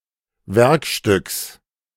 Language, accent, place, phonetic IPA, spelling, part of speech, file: German, Germany, Berlin, [ˈvɛʁkˌʃtʏks], Werkstücks, noun, De-Werkstücks.ogg
- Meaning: genitive singular of Werkstück